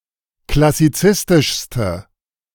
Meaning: inflection of klassizistisch: 1. strong/mixed nominative/accusative feminine singular superlative degree 2. strong nominative/accusative plural superlative degree
- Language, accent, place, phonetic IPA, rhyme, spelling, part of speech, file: German, Germany, Berlin, [klasiˈt͡sɪstɪʃstə], -ɪstɪʃstə, klassizistischste, adjective, De-klassizistischste.ogg